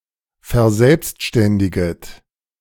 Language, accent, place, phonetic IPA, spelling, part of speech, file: German, Germany, Berlin, [fɛɐ̯ˈzɛlpstʃtɛndɪɡət], verselbstständiget, verb, De-verselbstständiget.ogg
- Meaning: second-person plural subjunctive I of verselbstständigen